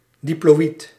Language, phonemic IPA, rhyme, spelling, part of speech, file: Dutch, /diploːˈit/, -it, diploïd, adjective, Nl-diploïd.ogg
- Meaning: diploid (of a cell, having a pair of each type of chromosome)